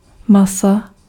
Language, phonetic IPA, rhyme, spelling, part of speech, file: Czech, [ˈmasa], -asa, masa, noun, Cs-masa.ogg
- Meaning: 1. mass (a large body of individuals, especially persons) 2. inflection of maso: genitive singular 3. inflection of maso: nominative/accusative/vocative plural